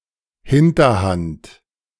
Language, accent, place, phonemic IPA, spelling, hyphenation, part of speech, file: German, Germany, Berlin, /ˈhɪntɐˌhant/, Hinterhand, Hin‧ter‧hand, noun, De-Hinterhand.ogg
- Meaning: 1. hand that goes last 2. hindquarters